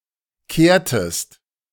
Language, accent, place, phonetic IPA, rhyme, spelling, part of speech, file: German, Germany, Berlin, [ˈkeːɐ̯təst], -eːɐ̯təst, kehrtest, verb, De-kehrtest.ogg
- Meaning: inflection of kehren: 1. second-person singular preterite 2. second-person singular subjunctive II